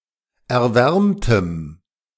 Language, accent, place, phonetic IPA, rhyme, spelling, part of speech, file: German, Germany, Berlin, [ɛɐ̯ˈvɛʁmtəm], -ɛʁmtəm, erwärmtem, adjective, De-erwärmtem.ogg
- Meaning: strong dative masculine/neuter singular of erwärmt